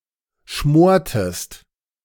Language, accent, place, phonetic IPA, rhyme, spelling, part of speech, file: German, Germany, Berlin, [ˈʃmoːɐ̯təst], -oːɐ̯təst, schmortest, verb, De-schmortest.ogg
- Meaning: inflection of schmoren: 1. second-person singular preterite 2. second-person singular subjunctive II